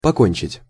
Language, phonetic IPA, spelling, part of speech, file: Russian, [pɐˈkonʲt͡ɕɪtʲ], покончить, verb, Ru-покончить.ogg
- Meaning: to finish off, to put an end to something, to do away with something, to be through with